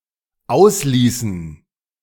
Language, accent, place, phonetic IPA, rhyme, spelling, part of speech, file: German, Germany, Berlin, [ˈaʊ̯sˌliːsn̩], -aʊ̯sliːsn̩, ausließen, verb, De-ausließen.ogg
- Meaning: inflection of auslassen: 1. first/third-person plural dependent preterite 2. first/third-person plural dependent subjunctive II